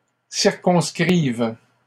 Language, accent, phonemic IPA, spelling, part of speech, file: French, Canada, /siʁ.kɔ̃s.kʁiv/, circonscrivent, verb, LL-Q150 (fra)-circonscrivent.wav
- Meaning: third-person plural present indicative/subjunctive of circonscrire